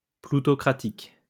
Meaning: plutocratic
- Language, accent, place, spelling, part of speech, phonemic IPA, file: French, France, Lyon, ploutocratique, adjective, /plu.tɔ.kʁa.tik/, LL-Q150 (fra)-ploutocratique.wav